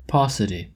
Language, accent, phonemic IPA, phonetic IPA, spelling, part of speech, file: English, US, /ˈpɔs.ɪ.ti/, [ˈpɔs.ɪ.ɾi], paucity, noun, En-us-paucity.oga
- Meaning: 1. Fewness in number; too few 2. A smallness in size or amount that is insufficient; meagerness, dearth